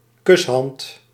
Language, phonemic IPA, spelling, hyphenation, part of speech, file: Dutch, /ˈkʏs.ɦɑnt/, kushand, kus‧hand, noun, Nl-kushand.ogg
- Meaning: a flying kiss, a gesture of blowing a kiss